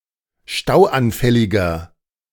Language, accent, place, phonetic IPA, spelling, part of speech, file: German, Germany, Berlin, [ˈʃtaʊ̯ʔanˌfɛlɪɡɐ], stauanfälliger, adjective, De-stauanfälliger.ogg
- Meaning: 1. comparative degree of stauanfällig 2. inflection of stauanfällig: strong/mixed nominative masculine singular 3. inflection of stauanfällig: strong genitive/dative feminine singular